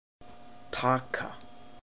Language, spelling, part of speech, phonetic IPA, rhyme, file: Icelandic, taka, verb / noun, [ˈtʰaːka], -aːka, Is-taka.oga
- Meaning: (verb) 1. to take (an object) 2. to seize, to capture 3. to take (time, measure) 4. to get, to obtain 5. to take (undergo), e.g. an exam 6. to accept, to take 7. to hold, to contain, to take